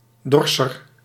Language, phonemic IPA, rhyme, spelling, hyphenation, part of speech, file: Dutch, /ˈdɔr.sər/, -ɔrsər, dorser, dor‧ser, noun, Nl-dorser.ogg
- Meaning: 1. one who threshes 2. a threshing-machine